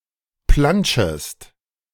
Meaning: second-person singular subjunctive I of plantschen
- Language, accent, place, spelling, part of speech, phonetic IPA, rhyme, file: German, Germany, Berlin, plantschest, verb, [ˈplant͡ʃəst], -ant͡ʃəst, De-plantschest.ogg